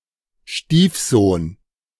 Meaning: stepson
- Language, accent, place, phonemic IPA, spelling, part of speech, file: German, Germany, Berlin, /ˈʃtiːfˌzoːn/, Stiefsohn, noun, De-Stiefsohn.ogg